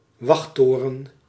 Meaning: a watchtower, tower from where guards etc. can keep a watchful eye
- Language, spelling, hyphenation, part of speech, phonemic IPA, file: Dutch, wachttoren, wacht‧to‧ren, noun, /ˈʋɑxˌtoː.rə(n)/, Nl-wachttoren.ogg